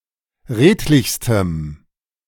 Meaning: strong dative masculine/neuter singular superlative degree of redlich
- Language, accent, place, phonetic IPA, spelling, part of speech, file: German, Germany, Berlin, [ˈʁeːtlɪçstəm], redlichstem, adjective, De-redlichstem.ogg